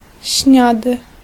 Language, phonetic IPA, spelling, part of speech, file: Polish, [ˈɕɲadɨ], śniady, adjective, Pl-śniady.ogg